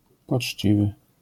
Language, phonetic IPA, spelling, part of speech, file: Polish, [pɔt͡ʃʲˈt͡ɕivɨ], poczciwy, adjective, LL-Q809 (pol)-poczciwy.wav